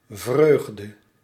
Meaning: joy
- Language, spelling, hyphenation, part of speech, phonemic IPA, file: Dutch, vreugde, vreug‧de, noun, /ˈvrøːɣ.də/, Nl-vreugde.ogg